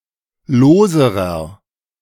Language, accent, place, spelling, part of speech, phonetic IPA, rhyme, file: German, Germany, Berlin, loserer, adjective, [ˈloːzəʁɐ], -oːzəʁɐ, De-loserer.ogg
- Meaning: inflection of lose: 1. strong/mixed nominative masculine singular comparative degree 2. strong genitive/dative feminine singular comparative degree 3. strong genitive plural comparative degree